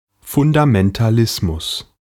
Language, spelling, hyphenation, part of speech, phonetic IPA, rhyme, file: German, Fundamentalismus, Fun‧da‧men‧ta‧lis‧mus, noun, [fʊndamɛntaˈlɪsmʊs], -ɪsmʊs, De-Fundamentalismus.ogg
- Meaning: fundamentalism